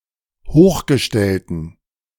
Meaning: inflection of hochgestellt: 1. strong genitive masculine/neuter singular 2. weak/mixed genitive/dative all-gender singular 3. strong/weak/mixed accusative masculine singular 4. strong dative plural
- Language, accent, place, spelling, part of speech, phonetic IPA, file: German, Germany, Berlin, hochgestellten, adjective, [ˈhoːxɡəˌʃtɛltn̩], De-hochgestellten.ogg